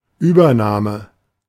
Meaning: 1. taking possession 2. assumption, acceptance 3. takeover, acquisition
- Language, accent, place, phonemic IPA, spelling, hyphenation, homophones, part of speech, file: German, Germany, Berlin, /ˈyːbɐˌnaːmə/, Übernahme, Über‧nah‧me, Übername, noun, De-Übernahme.ogg